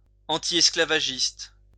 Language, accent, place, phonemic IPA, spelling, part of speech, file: French, France, Lyon, /ɑ̃.ti.ɛs.kla.va.ʒist/, antiesclavagiste, adjective / noun, LL-Q150 (fra)-antiesclavagiste.wav
- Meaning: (adjective) antislavery; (noun) antislaver